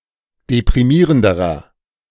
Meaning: inflection of deprimierend: 1. strong/mixed nominative masculine singular comparative degree 2. strong genitive/dative feminine singular comparative degree 3. strong genitive plural comparative degree
- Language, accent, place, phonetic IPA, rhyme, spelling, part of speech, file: German, Germany, Berlin, [depʁiˈmiːʁəndəʁɐ], -iːʁəndəʁɐ, deprimierenderer, adjective, De-deprimierenderer.ogg